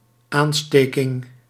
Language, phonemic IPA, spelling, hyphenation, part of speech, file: Dutch, /ˈaːnˌsteː.kɪŋ/, aansteking, aan‧ste‧king, noun, Nl-aansteking.ogg
- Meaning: infecting, infection, the action of infecting someone with a contagious disease